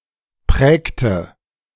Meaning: inflection of prägen: 1. first/third-person singular preterite 2. first/third-person singular subjunctive II
- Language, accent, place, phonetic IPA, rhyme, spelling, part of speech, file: German, Germany, Berlin, [ˈpʁɛːktə], -ɛːktə, prägte, verb, De-prägte.ogg